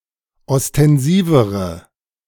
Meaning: inflection of ostensiv: 1. strong/mixed nominative/accusative feminine singular comparative degree 2. strong nominative/accusative plural comparative degree
- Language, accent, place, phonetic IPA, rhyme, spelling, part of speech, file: German, Germany, Berlin, [ɔstɛnˈziːvəʁə], -iːvəʁə, ostensivere, adjective, De-ostensivere.ogg